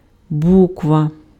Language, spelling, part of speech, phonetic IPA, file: Ukrainian, буква, noun, [ˈbukʋɐ], Uk-буква.ogg
- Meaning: letter (a symbol in an alphabet)